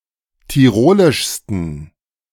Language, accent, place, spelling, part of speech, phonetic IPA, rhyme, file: German, Germany, Berlin, tirolischsten, adjective, [tiˈʁoːlɪʃstn̩], -oːlɪʃstn̩, De-tirolischsten.ogg
- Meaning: 1. superlative degree of tirolisch 2. inflection of tirolisch: strong genitive masculine/neuter singular superlative degree